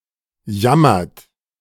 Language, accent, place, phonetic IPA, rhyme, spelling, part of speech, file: German, Germany, Berlin, [ˈjamɐt], -amɐt, jammert, verb, De-jammert.ogg
- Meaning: inflection of jammern: 1. third-person singular present 2. second-person plural present 3. plural imperative